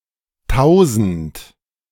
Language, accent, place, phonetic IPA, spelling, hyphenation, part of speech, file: German, Germany, Berlin, [ˈtaʊ̯.zn̩t], Tausend, Tau‧send, noun / interjection, De-Tausend.ogg
- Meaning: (noun) 1. thousand (set or unit of one thousand items) 2. thousands, a lot (unspecified large quantity) 3. thousand (the number); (interjection) euphemistic form of Teufel! (“devil!”)